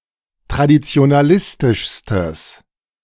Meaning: strong/mixed nominative/accusative neuter singular superlative degree of traditionalistisch
- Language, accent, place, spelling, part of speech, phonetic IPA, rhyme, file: German, Germany, Berlin, traditionalistischstes, adjective, [tʁadit͡si̯onaˈlɪstɪʃstəs], -ɪstɪʃstəs, De-traditionalistischstes.ogg